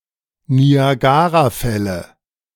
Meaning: Niagara Falls
- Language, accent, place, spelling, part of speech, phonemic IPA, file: German, Germany, Berlin, Niagarafälle, proper noun, /ni.aˈɡaː.raˌfɛ.lə/, De-Niagarafälle.ogg